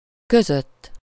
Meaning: between, among
- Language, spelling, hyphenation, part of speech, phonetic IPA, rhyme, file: Hungarian, között, kö‧zött, postposition, [ˈkøzøtː], -øtː, Hu-között.ogg